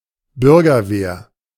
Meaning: 1. civic guard, civic guards, home guard, home guards, militia 2. vigilante
- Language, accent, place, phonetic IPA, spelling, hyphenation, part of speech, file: German, Germany, Berlin, [ˈbʏʁɡɐˌveːɐ̯], Bürgerwehr, Bür‧ger‧wehr, noun, De-Bürgerwehr.ogg